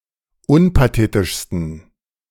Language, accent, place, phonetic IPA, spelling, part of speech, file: German, Germany, Berlin, [ˈʊnpaˌteːtɪʃstn̩], unpathetischsten, adjective, De-unpathetischsten.ogg
- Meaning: 1. superlative degree of unpathetisch 2. inflection of unpathetisch: strong genitive masculine/neuter singular superlative degree